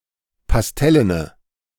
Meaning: inflection of pastellen: 1. strong/mixed nominative/accusative feminine singular 2. strong nominative/accusative plural 3. weak nominative all-gender singular
- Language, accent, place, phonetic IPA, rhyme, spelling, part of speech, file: German, Germany, Berlin, [pasˈtɛlənə], -ɛlənə, pastellene, adjective, De-pastellene.ogg